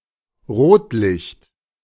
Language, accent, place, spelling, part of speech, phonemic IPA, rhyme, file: German, Germany, Berlin, Rotlicht, noun, /ˈʁoːtˌlɪçt/, -ɪçt, De-Rotlicht.ogg
- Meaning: 1. red light 2. clipping of Rotlichtviertel